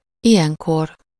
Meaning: 1. in such a case 2. this time (the same time last year or next year)
- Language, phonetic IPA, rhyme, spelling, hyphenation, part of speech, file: Hungarian, [ˈijɛŋkor], -or, ilyenkor, ilyen‧kor, adverb, Hu-ilyenkor.ogg